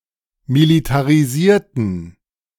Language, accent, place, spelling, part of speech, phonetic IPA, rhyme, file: German, Germany, Berlin, militarisierten, adjective / verb, [militaʁiˈziːɐ̯tn̩], -iːɐ̯tn̩, De-militarisierten.ogg
- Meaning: inflection of militarisiert: 1. strong genitive masculine/neuter singular 2. weak/mixed genitive/dative all-gender singular 3. strong/weak/mixed accusative masculine singular 4. strong dative plural